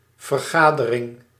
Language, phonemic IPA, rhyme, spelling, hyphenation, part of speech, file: Dutch, /vərˈɣaː.də.rɪŋ/, -aːdərɪŋ, vergadering, ver‧ga‧de‧ring, noun, Nl-vergadering.ogg
- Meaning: meeting, gathering